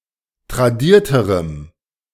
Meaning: strong dative masculine/neuter singular comparative degree of tradiert
- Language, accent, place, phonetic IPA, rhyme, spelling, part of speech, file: German, Germany, Berlin, [tʁaˈdiːɐ̯təʁəm], -iːɐ̯təʁəm, tradierterem, adjective, De-tradierterem.ogg